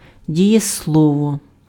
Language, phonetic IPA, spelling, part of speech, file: Ukrainian, [dʲijesˈɫɔwɔ], дієслово, noun, Uk-дієслово.ogg
- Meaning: verb (a grammatical category of words that indicate an action, event or a state)